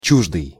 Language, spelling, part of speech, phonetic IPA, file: Russian, чуждый, adjective, [ˈt͡ɕuʐdɨj], Ru-чуждый.ogg
- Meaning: 1. foreign, strange, alien 2. a stranger to, not possessing, deprived of, without